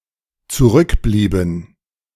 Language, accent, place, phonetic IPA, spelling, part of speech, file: German, Germany, Berlin, [t͡suˈʁʏkˌbliːbn̩], zurückblieben, verb, De-zurückblieben.ogg
- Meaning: inflection of zurückbleiben: 1. first/third-person plural dependent preterite 2. first/third-person plural dependent subjunctive II